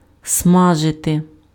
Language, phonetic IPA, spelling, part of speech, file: Ukrainian, [ˈsmaʒete], смажити, verb, Uk-смажити.ogg
- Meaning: 1. to roast 2. to fry 3. to broil, to grill